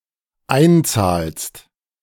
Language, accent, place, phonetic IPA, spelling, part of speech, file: German, Germany, Berlin, [ˈaɪ̯nˌt͡saːlst], einzahlst, verb, De-einzahlst.ogg
- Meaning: second-person singular dependent present of einzahlen